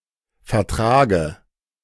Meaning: dative of Vertrag
- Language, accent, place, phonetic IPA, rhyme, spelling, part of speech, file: German, Germany, Berlin, [fɛɐ̯ˈtʁaːɡə], -aːɡə, Vertrage, noun, De-Vertrage.ogg